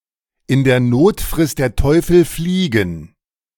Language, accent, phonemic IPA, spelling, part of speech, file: German, Germany, /ɪn dɛɐ̯ ˈnoːt fʁɪst dɛɐ̯ ˌtɔʏ̯fəl ˈfliːɡən/, in der Not frisst der Teufel Fliegen, proverb, De-in der Not frisst der Teufel Fliegen.oga
- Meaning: beggars can't be choosers; desperate times require desperate measures (in times of need one must do and accept things one otherwise would not)